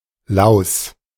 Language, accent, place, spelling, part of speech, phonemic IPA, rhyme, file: German, Germany, Berlin, Laus, noun, /laʊ̯s/, -aʊ̯s, De-Laus.ogg
- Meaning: louse